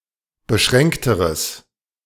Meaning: strong/mixed nominative/accusative neuter singular comparative degree of beschränkt
- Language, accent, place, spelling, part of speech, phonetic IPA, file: German, Germany, Berlin, beschränkteres, adjective, [bəˈʃʁɛŋktəʁəs], De-beschränkteres.ogg